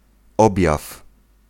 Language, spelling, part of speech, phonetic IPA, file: Polish, objaw, noun, [ˈɔbʲjaf], Pl-objaw.ogg